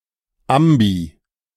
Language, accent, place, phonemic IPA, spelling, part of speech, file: German, Germany, Berlin, /ˈʔambi/, ambi-, prefix, De-ambi-.ogg
- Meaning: ambi-